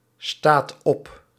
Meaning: inflection of opstaan: 1. second/third-person singular present indicative 2. plural imperative
- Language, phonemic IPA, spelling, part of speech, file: Dutch, /ˈstat ˈɔp/, staat op, verb, Nl-staat op.ogg